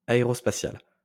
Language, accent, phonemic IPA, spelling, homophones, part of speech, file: French, France, /a.e.ʁɔs.pa.sjal/, aérospatial, aérospatiale / aérospatiales, adjective, LL-Q150 (fra)-aérospatial.wav
- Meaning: aerospace; aerospatial